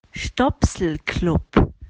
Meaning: A social club, the members of which always have to carry a plug with them
- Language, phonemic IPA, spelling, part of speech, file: German, /ˈʃtɔpsl̩ˌklʊp/, Stopselclub, noun, De-Stopselclub.opus